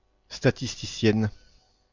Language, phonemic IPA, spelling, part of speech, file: French, /sta.tis.ti.sjɛn/, statisticienne, noun, Fr-statisticienne.ogg
- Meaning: female equivalent of statisticien (“statistician”)